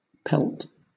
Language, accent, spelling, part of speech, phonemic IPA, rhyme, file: English, Southern England, pelt, noun / verb, /pɛlt/, -ɛlt, LL-Q1860 (eng)-pelt.wav
- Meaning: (noun) The skin of an animal with the hair or wool on; either a raw or undressed hide, or a skin preserved with the hair or wool on it (sometimes worn as a garment with minimal modification)